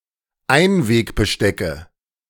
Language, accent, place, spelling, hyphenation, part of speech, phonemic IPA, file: German, Germany, Berlin, Einwegbestecke, Ein‧weg‧be‧ste‧cke, noun, /ˈaɪ̯nveːkbəˌʃtɛkə/, De-Einwegbestecke.ogg
- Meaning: nominative/accusative/genitive plural of Einwegbesteck